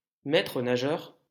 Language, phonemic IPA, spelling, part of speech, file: French, /mɛ.tʁə.na.ʒœʁ/, maître-nageur, noun, LL-Q150 (fra)-maître-nageur.wav
- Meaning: 1. swimming instructor, swimming trainer, swimming coach 2. lifeguard (attendant employed to save swimmers in trouble or near drowning)